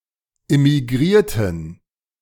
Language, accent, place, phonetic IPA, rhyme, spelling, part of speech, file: German, Germany, Berlin, [ɪmiˈɡʁiːɐ̯tn̩], -iːɐ̯tn̩, immigrierten, adjective / verb, De-immigrierten.ogg
- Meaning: inflection of immigrieren: 1. first/third-person plural preterite 2. first/third-person plural subjunctive II